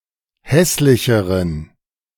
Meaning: inflection of hässlich: 1. strong genitive masculine/neuter singular comparative degree 2. weak/mixed genitive/dative all-gender singular comparative degree
- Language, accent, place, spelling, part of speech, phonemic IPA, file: German, Germany, Berlin, hässlicheren, adjective, /ˈhɛslɪçəʁən/, De-hässlicheren.ogg